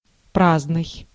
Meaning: 1. empty 2. idle 3. useless, unnecessary
- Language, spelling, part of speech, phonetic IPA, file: Russian, праздный, adjective, [ˈpraznɨj], Ru-праздный.ogg